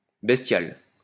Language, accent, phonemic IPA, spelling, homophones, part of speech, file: French, France, /bɛs.tjal/, bestial, bestiale / bestiales, adjective, LL-Q150 (fra)-bestial.wav
- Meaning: bestial